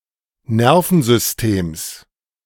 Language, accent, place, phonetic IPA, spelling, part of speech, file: German, Germany, Berlin, [ˈnɛʁfn̩zʏsˌteːms], Nervensystems, noun, De-Nervensystems.ogg
- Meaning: genitive singular of Nervensystem